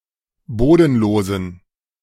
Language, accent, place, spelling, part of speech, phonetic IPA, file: German, Germany, Berlin, bodenlosen, adjective, [ˈboːdn̩ˌloːzn̩], De-bodenlosen.ogg
- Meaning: inflection of bodenlos: 1. strong genitive masculine/neuter singular 2. weak/mixed genitive/dative all-gender singular 3. strong/weak/mixed accusative masculine singular 4. strong dative plural